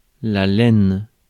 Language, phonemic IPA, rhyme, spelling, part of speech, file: French, /lɛn/, -ɛn, laine, noun, Fr-laine.ogg
- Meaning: wool